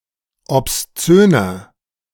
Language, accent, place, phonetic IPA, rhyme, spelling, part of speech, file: German, Germany, Berlin, [ɔpsˈt͡søːnɐ], -øːnɐ, obszöner, adjective, De-obszöner.ogg
- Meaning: inflection of obszön: 1. strong/mixed nominative masculine singular 2. strong genitive/dative feminine singular 3. strong genitive plural